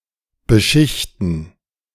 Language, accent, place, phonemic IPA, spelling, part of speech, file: German, Germany, Berlin, /bəˈʃɪçtən/, beschichten, verb, De-beschichten.ogg
- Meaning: 1. to coat, cover 2. to face, laminate